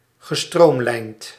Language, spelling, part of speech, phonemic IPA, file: Dutch, gestroomlijnd, verb, /ɣəˈstromlɛint/, Nl-gestroomlijnd.ogg
- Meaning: past participle of stroomlijnen